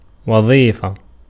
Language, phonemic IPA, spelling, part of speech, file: Arabic, /wa.ðˤiː.fa/, وظيفة, noun, Ar-وظيفة.ogg
- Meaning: 1. job, profession, occupation 2. employment 3. function 4. daily ration of food 5. pay, salary, pension 6. office, dignity 7. task, duty 8. aim 9. business 10. agreement